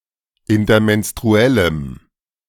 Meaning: strong dative masculine/neuter singular of intermenstruell
- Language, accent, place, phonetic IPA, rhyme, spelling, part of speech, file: German, Germany, Berlin, [ɪntɐmɛnstʁuˈɛləm], -ɛləm, intermenstruellem, adjective, De-intermenstruellem.ogg